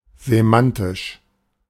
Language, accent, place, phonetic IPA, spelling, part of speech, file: German, Germany, Berlin, [zeˈmantɪʃ], semantisch, adjective / adverb, De-semantisch.ogg
- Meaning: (adjective) semantic; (adverb) semantically